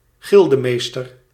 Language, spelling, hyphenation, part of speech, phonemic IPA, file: Dutch, gildemeester, gil‧de‧mees‧ter, noun, /ˈɣɪl.dəˌmeːs.tər/, Nl-gildemeester.ogg
- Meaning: guild master